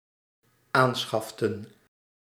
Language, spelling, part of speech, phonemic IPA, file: Dutch, aanschaften, verb, /ˈansxɑftə(n)/, Nl-aanschaften.ogg
- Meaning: inflection of aanschaffen: 1. plural dependent-clause past indicative 2. plural dependent-clause past subjunctive